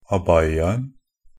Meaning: definite singular of abaya
- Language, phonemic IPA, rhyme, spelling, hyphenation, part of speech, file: Norwegian Bokmål, /aˈbajːan̩/, -an̩, abayaen, ab‧ay‧a‧en, noun, NB - Pronunciation of Norwegian Bokmål «abayaen».ogg